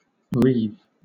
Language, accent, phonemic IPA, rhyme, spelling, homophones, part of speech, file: English, Southern England, /ɹiːv/, -iːv, reeve, reave / wreathe, noun / verb, LL-Q1860 (eng)-reeve.wav
- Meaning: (noun) 1. Any of several local officials, with varying responsibilities 2. The president of a township or municipal district council